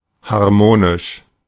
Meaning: harmonic, harmonious
- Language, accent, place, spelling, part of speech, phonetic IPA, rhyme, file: German, Germany, Berlin, harmonisch, adjective, [haʁˈmoːnɪʃ], -oːnɪʃ, De-harmonisch.ogg